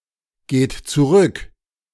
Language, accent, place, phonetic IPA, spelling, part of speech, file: German, Germany, Berlin, [ˌɡeːt t͡suˈʁʏk], geht zurück, verb, De-geht zurück.ogg
- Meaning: inflection of zurückgehen: 1. third-person singular present 2. second-person plural present 3. plural imperative